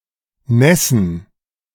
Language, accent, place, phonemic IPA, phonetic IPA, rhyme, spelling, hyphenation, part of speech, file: German, Germany, Berlin, /ˈnɛsən/, [ˈnɛsn̩], -ɛsn̩, nässen, näs‧sen, verb, De-nässen.ogg
- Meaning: 1. to become wet 2. to make wet